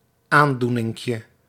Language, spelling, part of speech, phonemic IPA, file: Dutch, aandoeninkje, noun, /ˈandunɪŋkjə/, Nl-aandoeninkje.ogg
- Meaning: diminutive of aandoening